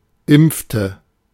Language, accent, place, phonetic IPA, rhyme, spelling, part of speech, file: German, Germany, Berlin, [ˈɪmp͡ftə], -ɪmp͡ftə, impfte, verb, De-impfte.ogg
- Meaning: inflection of impfen: 1. first/third-person singular preterite 2. first/third-person singular subjunctive II